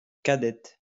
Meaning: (adjective) feminine singular of cadet; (noun) female equivalent of cadet
- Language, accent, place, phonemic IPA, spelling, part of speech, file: French, France, Lyon, /ka.dɛt/, cadette, adjective / noun, LL-Q150 (fra)-cadette.wav